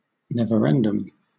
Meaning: A series of referendums on the same issue held in an attempt to achieve an unpopular result
- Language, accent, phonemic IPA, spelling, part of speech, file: English, Southern England, /ˌnɛv.əˈɹɛn.dəm/, neverendum, noun, LL-Q1860 (eng)-neverendum.wav